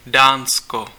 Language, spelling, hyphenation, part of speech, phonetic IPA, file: Czech, Dánsko, Dán‧sko, proper noun, [ˈdaːnsko], Cs-Dánsko.ogg
- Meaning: Denmark (a country in Northern Europe)